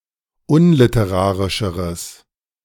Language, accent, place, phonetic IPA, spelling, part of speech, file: German, Germany, Berlin, [ˈʊnlɪtəˌʁaːʁɪʃəʁəs], unliterarischeres, adjective, De-unliterarischeres.ogg
- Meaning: strong/mixed nominative/accusative neuter singular comparative degree of unliterarisch